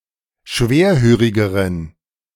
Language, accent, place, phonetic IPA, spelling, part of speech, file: German, Germany, Berlin, [ˈʃveːɐ̯ˌhøːʁɪɡəʁən], schwerhörigeren, adjective, De-schwerhörigeren.ogg
- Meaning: inflection of schwerhörig: 1. strong genitive masculine/neuter singular comparative degree 2. weak/mixed genitive/dative all-gender singular comparative degree